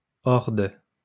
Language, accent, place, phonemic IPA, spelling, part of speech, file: French, France, Lyon, /ɔʁ də/, hors de, preposition, LL-Q150 (fra)-hors de.wav
- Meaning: out of, outside